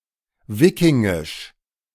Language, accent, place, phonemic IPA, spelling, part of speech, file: German, Germany, Berlin, /ˈviːkɪŋɪʃ/, wikingisch, adjective, De-wikingisch.ogg
- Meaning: Viking